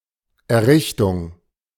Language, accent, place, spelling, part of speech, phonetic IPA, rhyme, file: German, Germany, Berlin, Errichtung, noun, [ɛɐ̯ˈʁɪçtʊŋ], -ɪçtʊŋ, De-Errichtung.ogg
- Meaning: 1. establishment, construction 2. foundation, formation, erection